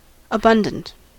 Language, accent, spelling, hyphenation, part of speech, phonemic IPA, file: English, US, abundant, a‧bun‧dant, adjective, /əˈbʌn.dənt/, En-us-abundant.ogg
- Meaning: 1. Fully sufficient; found in copious supply; in great quantity; overflowing 2. Richly supplied; wealthy; possessing in great quantity